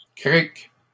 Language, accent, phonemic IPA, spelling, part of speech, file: French, Canada, /kʁik/, criques, noun, LL-Q150 (fra)-criques.wav
- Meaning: plural of crique